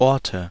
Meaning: nominative/accusative/genitive plural of Ort (“places, locations”)
- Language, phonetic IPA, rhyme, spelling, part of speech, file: German, [ˈɔʁtə], -ɔʁtə, Orte, noun, De-Orte.ogg